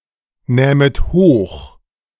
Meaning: second-person plural subjunctive II of hochnehmen
- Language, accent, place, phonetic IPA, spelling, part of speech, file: German, Germany, Berlin, [ˌnɛːmət ˈhoːx], nähmet hoch, verb, De-nähmet hoch.ogg